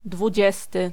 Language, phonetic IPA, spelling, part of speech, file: Polish, [dvuˈd͡ʑɛstɨ], dwudziesty, adjective / noun, Pl-dwudziesty.ogg